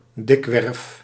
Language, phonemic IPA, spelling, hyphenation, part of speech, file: Dutch, /ˈdɪk.ʋɛrf/, dikwerf, dik‧werf, adverb, Nl-dikwerf.ogg
- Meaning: often